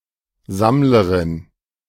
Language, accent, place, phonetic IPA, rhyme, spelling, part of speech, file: German, Germany, Berlin, [ˈzamləʁɪn], -amləʁɪn, Sammlerin, noun, De-Sammlerin.ogg
- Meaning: 1. feminine of Sammler 2. feminine of Sammler: forager bee